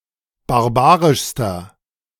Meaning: inflection of barbarisch: 1. strong/mixed nominative masculine singular superlative degree 2. strong genitive/dative feminine singular superlative degree 3. strong genitive plural superlative degree
- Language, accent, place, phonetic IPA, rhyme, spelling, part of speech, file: German, Germany, Berlin, [baʁˈbaːʁɪʃstɐ], -aːʁɪʃstɐ, barbarischster, adjective, De-barbarischster.ogg